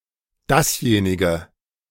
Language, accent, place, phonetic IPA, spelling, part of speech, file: German, Germany, Berlin, [ˈdasˌjeːnɪɡə], dasjenige, determiner, De-dasjenige.ogg
- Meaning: 1. nominative neuter singular of derjenige (“that one”) 2. accusative neuter singular of derjenige